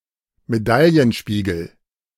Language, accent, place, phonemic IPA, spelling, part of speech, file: German, Germany, Berlin, /meˈdaljənˌʃpiːɡəl/, Medaillenspiegel, noun, De-Medaillenspiegel.ogg
- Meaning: medal table; medal count